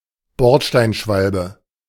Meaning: alley cat, streetwalker (female)
- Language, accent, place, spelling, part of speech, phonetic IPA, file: German, Germany, Berlin, Bordsteinschwalbe, noun, [ˈbɔʁtʃtaɪ̯nˌʃvalbə], De-Bordsteinschwalbe.ogg